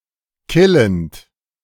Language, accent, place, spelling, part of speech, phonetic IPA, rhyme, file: German, Germany, Berlin, killend, verb, [ˈkɪlənt], -ɪlənt, De-killend.ogg
- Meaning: present participle of killen